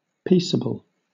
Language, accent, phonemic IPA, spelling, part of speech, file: English, Southern England, /ˈpiːsəb(ə)l/, peaceable, adjective, LL-Q1860 (eng)-peaceable.wav
- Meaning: 1. Favouring peace rather than conflict; not aggressive, tending to avoid violence (of people, actions etc.) 2. Characterized by peace; peaceful, tranquil